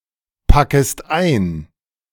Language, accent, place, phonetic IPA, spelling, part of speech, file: German, Germany, Berlin, [ˌpakəst ˈaɪ̯n], packest ein, verb, De-packest ein.ogg
- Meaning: second-person singular subjunctive I of einpacken